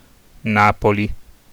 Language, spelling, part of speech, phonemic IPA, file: Italian, Napoli, proper noun, /ˈnapoli/, It-Napoli.ogg